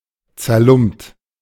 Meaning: ragged
- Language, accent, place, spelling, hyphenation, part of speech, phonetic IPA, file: German, Germany, Berlin, zerlumpt, zer‧lumpt, adjective, [t͡sɛɐ̯ˈlʊmpt], De-zerlumpt.ogg